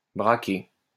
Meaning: 1. to point (a gun, camera etc.) 2. to turn (one’s eyes) 3. to make a hard turn, turn hard 4. to stick up, rob (a bank) 5. to get one's back up, feel defensive, balk
- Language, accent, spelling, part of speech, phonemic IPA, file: French, France, braquer, verb, /bʁa.ke/, LL-Q150 (fra)-braquer.wav